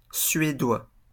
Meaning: male Swedish person
- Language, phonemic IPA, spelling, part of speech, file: French, /sɥe.dwa/, Suédois, noun, LL-Q150 (fra)-Suédois.wav